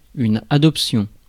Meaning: adoption
- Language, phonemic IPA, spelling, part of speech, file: French, /a.dɔp.sjɔ̃/, adoption, noun, Fr-adoption.ogg